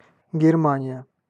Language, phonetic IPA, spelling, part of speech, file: Russian, [ɡʲɪrˈmanʲɪjə], Германия, proper noun, Ru-Германия.ogg
- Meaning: Germany (a country in Central Europe)